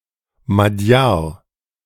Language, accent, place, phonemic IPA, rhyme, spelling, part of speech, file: German, Germany, Berlin, /maˈdjaːɐ̯/, -aːɐ̯, Madjar, noun, De-Madjar.ogg
- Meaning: 1. alternative form of Magyar 2. Magyar, Hungarian (male or of unspecified gender)